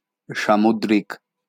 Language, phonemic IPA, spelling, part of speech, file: Bengali, /ʃa.mud.rik/, সামুদ্রিক, adjective, LL-Q9610 (ben)-সামুদ্রিক.wav
- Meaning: oceanic, sea-